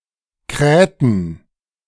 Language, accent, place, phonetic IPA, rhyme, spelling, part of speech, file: German, Germany, Berlin, [ˈkʁɛːtn̩], -ɛːtn̩, krähten, verb, De-krähten.ogg
- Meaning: inflection of krähen: 1. first/third-person plural preterite 2. first/third-person plural subjunctive II